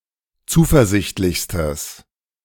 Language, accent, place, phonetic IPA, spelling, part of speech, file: German, Germany, Berlin, [ˈt͡suːfɛɐ̯ˌzɪçtlɪçstəs], zuversichtlichstes, adjective, De-zuversichtlichstes.ogg
- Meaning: strong/mixed nominative/accusative neuter singular superlative degree of zuversichtlich